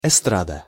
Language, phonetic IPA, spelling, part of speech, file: Russian, [ɪˈstradə], эстрада, noun, Ru-эстрада.ogg
- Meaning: 1. platform, stage (for performers) 2. variety (art)